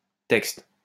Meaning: plural of texte
- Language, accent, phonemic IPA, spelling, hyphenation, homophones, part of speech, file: French, France, /tɛkst/, textes, textes, texte, noun, LL-Q150 (fra)-textes.wav